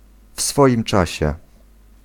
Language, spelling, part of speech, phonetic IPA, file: Polish, w swoim czasie, adverbial phrase, [ˈf‿sfɔʲĩm ˈt͡ʃaɕɛ], Pl-w swoim czasie.ogg